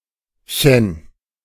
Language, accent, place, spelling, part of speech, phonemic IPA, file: German, Germany, Berlin, -chen, suffix, /çən/, De--chen.ogg
- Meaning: nowadays the most common suffix to create a diminutive form